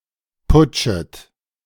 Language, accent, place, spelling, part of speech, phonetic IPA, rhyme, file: German, Germany, Berlin, putschet, verb, [ˈpʊt͡ʃət], -ʊt͡ʃət, De-putschet.ogg
- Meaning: second-person plural subjunctive I of putschen